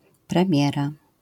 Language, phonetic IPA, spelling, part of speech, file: Polish, [prɛ̃ˈmʲjɛra], premiera, noun, LL-Q809 (pol)-premiera.wav